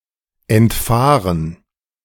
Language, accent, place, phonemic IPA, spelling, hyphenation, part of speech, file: German, Germany, Berlin, /ˌɛntˈfaːʁən/, entfahren, ent‧fah‧ren, verb, De-entfahren.ogg
- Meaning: 1. to escape 2. to slip out (someone's) mouth